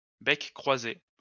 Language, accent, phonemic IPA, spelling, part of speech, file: French, France, /bɛk.kʁwa.ze/, bec-croisé, noun, LL-Q150 (fra)-bec-croisé.wav
- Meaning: crossbill